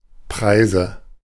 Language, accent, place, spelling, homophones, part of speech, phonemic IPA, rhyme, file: German, Germany, Berlin, Preise, preise, noun, /ˈpʁaɪ̯zə/, -aɪ̯zə, De-Preise.ogg
- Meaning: 1. nominative/accusative/genitive plural of Preis 2. dative singular of Preis 3. obsolete form of Prise (“booty, captured ship”)